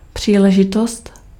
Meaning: occasion, opportunity
- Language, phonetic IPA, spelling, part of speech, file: Czech, [ˈpr̝̊iːlɛʒɪtost], příležitost, noun, Cs-příležitost.ogg